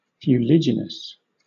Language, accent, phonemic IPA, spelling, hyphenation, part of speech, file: English, Southern England, /fjuːˈlɪ.d͡ʒɪ.nəs/, fuliginous, fu‧li‧gi‧nous, adjective, LL-Q1860 (eng)-fuliginous.wav
- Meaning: Pertaining to or resembling soot in such features as colour, texture or taste; sooty, dusky